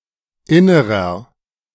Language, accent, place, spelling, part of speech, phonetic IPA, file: German, Germany, Berlin, innerer, adjective, [ˈɪnəʁɐ], De-innerer.ogg
- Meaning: inflection of inner: 1. strong/mixed nominative masculine singular 2. strong genitive/dative feminine singular 3. strong genitive plural